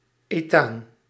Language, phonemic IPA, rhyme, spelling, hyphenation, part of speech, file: Dutch, /eːˈtaːn/, -aːn, ethaan, ethaan, noun, Nl-ethaan.ogg
- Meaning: ethane